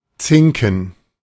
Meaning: 1. alternative form of Zinke (“tine, prong”) 2. large nose (in this sense only the masculine) 3. plural of Zink 4. plural of Zinke 5. gerund of zinken
- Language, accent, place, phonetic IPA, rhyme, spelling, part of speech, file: German, Germany, Berlin, [ˈt͡sɪŋkn̩], -ɪŋkn̩, Zinken, noun, De-Zinken.ogg